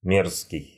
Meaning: vile, disgusting, abominable, nasty, odious
- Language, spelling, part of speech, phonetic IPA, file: Russian, мерзкий, adjective, [ˈmʲerskʲɪj], Ru-мерзкий.ogg